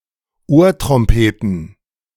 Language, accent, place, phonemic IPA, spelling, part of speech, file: German, Germany, Berlin, /ˈoːɐ̯tʁɔmˌpeːtn̩/, Ohrtrompeten, noun, De-Ohrtrompeten.ogg
- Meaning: plural of Ohrtrompete